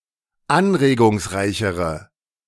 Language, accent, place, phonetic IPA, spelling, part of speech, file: German, Germany, Berlin, [ˈanʁeːɡʊŋsˌʁaɪ̯çəʁə], anregungsreichere, adjective, De-anregungsreichere.ogg
- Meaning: inflection of anregungsreich: 1. strong/mixed nominative/accusative feminine singular comparative degree 2. strong nominative/accusative plural comparative degree